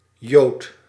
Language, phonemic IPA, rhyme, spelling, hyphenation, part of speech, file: Dutch, /joːt/, -oːt, Jood, Jood, noun, Nl-Jood.ogg
- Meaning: 1. a Jew, a member of the Jewish people 2. superseded spelling of jood (“adherent of Judaism”)